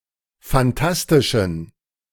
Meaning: inflection of fantastisch: 1. strong genitive masculine/neuter singular 2. weak/mixed genitive/dative all-gender singular 3. strong/weak/mixed accusative masculine singular 4. strong dative plural
- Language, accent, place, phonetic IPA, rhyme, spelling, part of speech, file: German, Germany, Berlin, [fanˈtastɪʃn̩], -astɪʃn̩, fantastischen, adjective, De-fantastischen.ogg